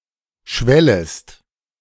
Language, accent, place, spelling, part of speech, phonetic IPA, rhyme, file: German, Germany, Berlin, schwellest, verb, [ˈʃvɛləst], -ɛləst, De-schwellest.ogg
- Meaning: second-person singular subjunctive I of schwellen